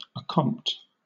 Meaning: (noun) Account; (verb) To account
- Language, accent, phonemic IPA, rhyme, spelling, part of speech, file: English, Southern England, /əˈkɒmpt/, -ɒmpt, accompt, noun / verb, LL-Q1860 (eng)-accompt.wav